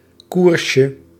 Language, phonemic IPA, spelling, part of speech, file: Dutch, /ˈkurʃə/, koersje, noun, Nl-koersje.ogg
- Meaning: diminutive of koers